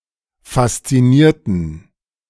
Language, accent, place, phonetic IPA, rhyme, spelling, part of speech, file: German, Germany, Berlin, [fast͡siˈniːɐ̯tn̩], -iːɐ̯tn̩, faszinierten, adjective / verb, De-faszinierten.ogg
- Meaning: inflection of faszinieren: 1. first/third-person plural preterite 2. first/third-person plural subjunctive II